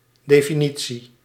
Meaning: definition (i.e. statement of the meaning of a term)
- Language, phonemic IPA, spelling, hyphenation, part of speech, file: Dutch, /ˌdeː.fiˈni.(t)si/, definitie, de‧fi‧ni‧tie, noun, Nl-definitie.ogg